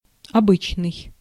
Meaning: usual, habitual, customary
- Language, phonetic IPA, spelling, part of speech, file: Russian, [ɐˈbɨt͡ɕnɨj], обычный, adjective, Ru-обычный.ogg